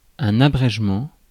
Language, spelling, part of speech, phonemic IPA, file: French, abrégement, noun, /a.bʁɛʒ.mɑ̃/, Fr-abrégement.ogg
- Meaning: shortening, abridgement